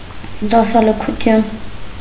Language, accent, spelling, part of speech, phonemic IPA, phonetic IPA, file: Armenian, Eastern Armenian, դասալքություն, noun, /dɑsɑləkʰuˈtʰjun/, [dɑsɑləkʰut͡sʰjún], Hy-դասալքություն.ogg
- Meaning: desertion